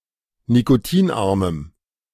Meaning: strong dative masculine/neuter singular of nikotinarm
- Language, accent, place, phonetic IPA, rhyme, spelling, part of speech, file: German, Germany, Berlin, [nikoˈtiːnˌʔaʁməm], -iːnʔaʁməm, nikotinarmem, adjective, De-nikotinarmem.ogg